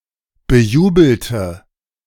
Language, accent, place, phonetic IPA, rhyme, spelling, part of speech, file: German, Germany, Berlin, [bəˈjuːbl̩tə], -uːbl̩tə, bejubelte, adjective / verb, De-bejubelte.ogg
- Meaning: inflection of bejubeln: 1. first/third-person singular preterite 2. first/third-person singular subjunctive II